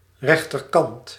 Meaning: right-hand side
- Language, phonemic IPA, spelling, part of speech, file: Dutch, /ˈrɛxtərˌkɑnt/, rechterkant, noun, Nl-rechterkant.ogg